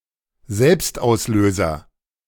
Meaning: self timer
- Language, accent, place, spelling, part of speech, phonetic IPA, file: German, Germany, Berlin, Selbstauslöser, noun, [ˈzɛlpstʔaʊ̯sˌløːzɐ], De-Selbstauslöser.ogg